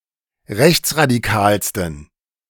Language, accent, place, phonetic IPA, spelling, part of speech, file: German, Germany, Berlin, [ˈʁɛçt͡sʁadiˌkaːlstn̩], rechtsradikalsten, adjective, De-rechtsradikalsten.ogg
- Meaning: 1. superlative degree of rechtsradikal 2. inflection of rechtsradikal: strong genitive masculine/neuter singular superlative degree